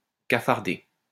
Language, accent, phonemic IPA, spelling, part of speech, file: French, France, /ka.faʁ.de/, cafarder, verb, LL-Q150 (fra)-cafarder.wav
- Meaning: to tattle